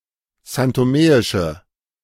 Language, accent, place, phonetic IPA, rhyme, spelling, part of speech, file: German, Germany, Berlin, [zantoˈmeːɪʃə], -eːɪʃə, santomeische, adjective, De-santomeische.ogg
- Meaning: inflection of santomeisch: 1. strong/mixed nominative/accusative feminine singular 2. strong nominative/accusative plural 3. weak nominative all-gender singular